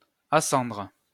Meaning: to ascend
- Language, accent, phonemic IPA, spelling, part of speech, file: French, France, /a.sɑ̃dʁ/, ascendre, verb, LL-Q150 (fra)-ascendre.wav